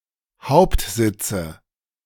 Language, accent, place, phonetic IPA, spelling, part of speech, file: German, Germany, Berlin, [ˈhaʊ̯ptˌzɪt͡sə], Hauptsitze, noun, De-Hauptsitze.ogg
- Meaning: nominative/accusative/genitive plural of Hauptsitz